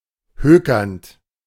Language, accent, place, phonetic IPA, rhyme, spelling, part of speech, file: German, Germany, Berlin, [ˈhøːkɐnt], -øːkɐnt, hökernd, verb, De-hökernd.ogg
- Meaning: present participle of hökern